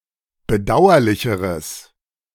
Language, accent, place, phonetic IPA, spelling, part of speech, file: German, Germany, Berlin, [bəˈdaʊ̯ɐlɪçəʁəs], bedauerlicheres, adjective, De-bedauerlicheres.ogg
- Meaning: strong/mixed nominative/accusative neuter singular comparative degree of bedauerlich